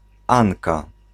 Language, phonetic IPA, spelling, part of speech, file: Polish, [ˈãŋka], Anka, proper noun, Pl-Anka.ogg